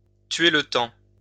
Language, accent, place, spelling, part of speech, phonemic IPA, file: French, France, Lyon, tuer le temps, verb, /tɥe l(ə) tɑ̃/, LL-Q150 (fra)-tuer le temps.wav
- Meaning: to kill time